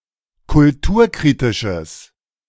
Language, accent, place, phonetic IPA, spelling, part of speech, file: German, Germany, Berlin, [kʊlˈtuːɐ̯ˌkʁiːtɪʃəs], kulturkritisches, adjective, De-kulturkritisches.ogg
- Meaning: strong/mixed nominative/accusative neuter singular of kulturkritisch